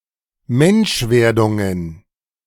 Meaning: plural of Menschwerdung
- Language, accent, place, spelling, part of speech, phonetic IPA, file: German, Germany, Berlin, Menschwerdungen, noun, [ˈmɛnʃˌveːɐ̯dʊŋən], De-Menschwerdungen.ogg